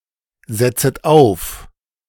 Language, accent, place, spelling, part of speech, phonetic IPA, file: German, Germany, Berlin, setzet auf, verb, [ˌzɛt͡sət ˈaʊ̯f], De-setzet auf.ogg
- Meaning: second-person plural subjunctive I of aufsetzen